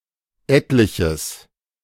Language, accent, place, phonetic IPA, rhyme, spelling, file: German, Germany, Berlin, [ˈɛtlɪçəs], -ɛtlɪçəs, etliches, De-etliches.ogg
- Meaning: strong/mixed nominative/accusative neuter singular of etlich